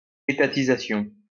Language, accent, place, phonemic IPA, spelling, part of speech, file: French, France, Lyon, /e.ta.ti.za.sjɔ̃/, étatisation, noun, LL-Q150 (fra)-étatisation.wav
- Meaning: nationalization